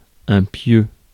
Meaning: 1. post, stake 2. bed, sack
- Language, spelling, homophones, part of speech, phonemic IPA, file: French, pieu, pieux, noun, /pjø/, Fr-pieu.ogg